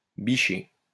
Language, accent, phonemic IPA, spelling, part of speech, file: French, France, /bi.ʃe/, bicher, verb, LL-Q150 (fra)-bicher.wav
- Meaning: 1. to go well 2. to be happy; to rejoice 3. to pick up, to flirt